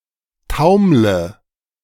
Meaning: inflection of taumeln: 1. first-person singular present 2. first/third-person singular subjunctive I 3. singular imperative
- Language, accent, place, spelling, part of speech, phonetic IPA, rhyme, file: German, Germany, Berlin, taumle, verb, [ˈtaʊ̯mlə], -aʊ̯mlə, De-taumle.ogg